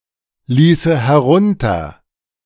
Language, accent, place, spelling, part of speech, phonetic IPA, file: German, Germany, Berlin, ließe herunter, verb, [ˌliːsə hɛˈʁʊntɐ], De-ließe herunter.ogg
- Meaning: first/third-person singular subjunctive II of herunterlassen